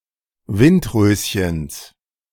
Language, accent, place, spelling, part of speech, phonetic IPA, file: German, Germany, Berlin, Windröschens, noun, [ˈvɪntˌʁøːsçəns], De-Windröschens.ogg
- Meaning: genitive singular of Windröschen